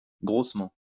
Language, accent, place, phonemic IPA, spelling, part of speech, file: French, France, Lyon, /ɡʁos.mɑ̃/, grossement, adverb, LL-Q150 (fra)-grossement.wav
- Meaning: coarsely, roughly